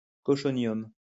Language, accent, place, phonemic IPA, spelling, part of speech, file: French, France, Lyon, /kɔ.ʃɔ.njɔm/, cochonium, noun, LL-Q150 (fra)-cochonium.wav
- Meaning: an alloy of aluminium and antimony that has poor mechanical properties